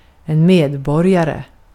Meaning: a citizen
- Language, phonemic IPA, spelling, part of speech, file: Swedish, /²meːdˌbɔrːjarɛ/, medborgare, noun, Sv-medborgare.ogg